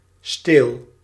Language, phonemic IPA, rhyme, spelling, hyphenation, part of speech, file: Dutch, /steːl/, -eːl, steel, steel, noun / verb, Nl-steel.ogg
- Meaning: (noun) 1. stem (of a plant) 2. handle (of a broom, a pan); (verb) inflection of stelen: 1. first-person singular present indicative 2. second-person singular present indicative 3. imperative